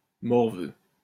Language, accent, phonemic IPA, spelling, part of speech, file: French, France, /mɔʁ.vø/, morveux, adjective / noun, LL-Q150 (fra)-morveux.wav
- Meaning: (adjective) 1. glandered 2. snot-nosed, snotty; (noun) 1. snotnose 2. little brat